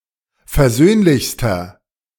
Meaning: inflection of versöhnlich: 1. strong/mixed nominative masculine singular superlative degree 2. strong genitive/dative feminine singular superlative degree 3. strong genitive plural superlative degree
- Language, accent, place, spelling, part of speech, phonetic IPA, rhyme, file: German, Germany, Berlin, versöhnlichster, adjective, [fɛɐ̯ˈzøːnlɪçstɐ], -øːnlɪçstɐ, De-versöhnlichster.ogg